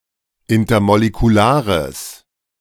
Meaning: strong/mixed nominative/accusative neuter singular of intermolekular
- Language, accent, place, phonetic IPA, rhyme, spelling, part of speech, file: German, Germany, Berlin, [ˌɪntɐmolekuˈlaːʁəs], -aːʁəs, intermolekulares, adjective, De-intermolekulares.ogg